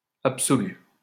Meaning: masculine plural of absolu
- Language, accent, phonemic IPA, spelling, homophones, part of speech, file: French, France, /ap.sɔ.ly/, absolus, absolu / absolue / absolues, adjective, LL-Q150 (fra)-absolus.wav